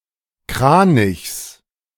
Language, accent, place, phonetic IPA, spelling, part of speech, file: German, Germany, Berlin, [ˈkʁaːnɪçs], Kranichs, noun, De-Kranichs.ogg
- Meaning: genitive singular of Kranich